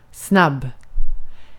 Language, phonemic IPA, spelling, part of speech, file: Swedish, /snab/, snabb, adjective, Sv-snabb.ogg
- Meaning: 1. fast, quick 2. fast, fast-blow (of a fuse) 3. instant (very quickly and easily prepared)